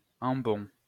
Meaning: ambon
- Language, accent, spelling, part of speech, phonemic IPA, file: French, France, ambon, noun, /ɑ̃.bɔ̃/, LL-Q150 (fra)-ambon.wav